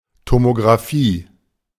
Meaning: tomography
- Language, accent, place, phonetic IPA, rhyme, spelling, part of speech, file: German, Germany, Berlin, [tomoɡʁaˈfiː], -iː, Tomographie, noun, De-Tomographie.ogg